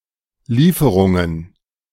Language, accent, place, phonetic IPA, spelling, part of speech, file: German, Germany, Berlin, [ˈliːfəʁʊŋən], Lieferungen, noun, De-Lieferungen.ogg
- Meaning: plural of Lieferung